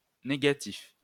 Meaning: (adjective) 1. negative 2. negative or zero. nonpositive
- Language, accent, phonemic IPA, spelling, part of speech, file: French, France, /ne.ɡa.tif/, négatif, adjective / noun, LL-Q150 (fra)-négatif.wav